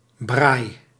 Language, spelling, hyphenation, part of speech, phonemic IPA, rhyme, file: Dutch, braai, braai, noun / verb, /braːi/, -aːi, Nl-braai.ogg
- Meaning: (noun) 1. a barbecue 2. an open outdoor grill built specifically for the purpose of braaing 3. a social meeting, including the braaing of meat